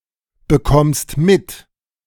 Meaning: second-person singular present of mitbekommen
- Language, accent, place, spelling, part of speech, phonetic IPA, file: German, Germany, Berlin, bekommst mit, verb, [bəˌkɔmst ˈmɪt], De-bekommst mit.ogg